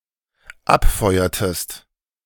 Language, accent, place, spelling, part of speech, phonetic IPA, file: German, Germany, Berlin, abfeuertest, verb, [ˈapˌfɔɪ̯ɐtəst], De-abfeuertest.ogg
- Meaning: inflection of abfeuern: 1. second-person singular dependent preterite 2. second-person singular dependent subjunctive II